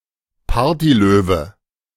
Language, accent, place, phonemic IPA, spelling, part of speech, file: German, Germany, Berlin, /ˈpaːɐ̯tiˌløːvə/, Partylöwe, noun, De-Partylöwe.ogg
- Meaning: party animal (person known for frequent, enthusiastic attendance at parties)